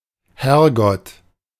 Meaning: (noun) 1. God, the Lord 2. crucifix (statue of Jesus on the cross); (interjection) 1. good Lord! (expression of being startled or scared) 2. damn! (expression of frustration)
- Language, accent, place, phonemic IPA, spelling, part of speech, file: German, Germany, Berlin, /ˈhɛrɡɔt/, Herrgott, noun / interjection, De-Herrgott.ogg